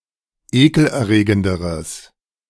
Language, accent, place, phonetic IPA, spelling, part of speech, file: German, Germany, Berlin, [ˈeːkl̩ʔɛɐ̯ˌʁeːɡəndəʁəs], ekelerregenderes, adjective, De-ekelerregenderes.ogg
- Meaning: strong/mixed nominative/accusative neuter singular comparative degree of ekelerregend